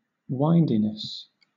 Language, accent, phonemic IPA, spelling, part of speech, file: English, Southern England, /ˈwaɪndɪnəs/, windiness, noun, LL-Q1860 (eng)-windiness.wav
- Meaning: The state of being winding or twisting; twistiness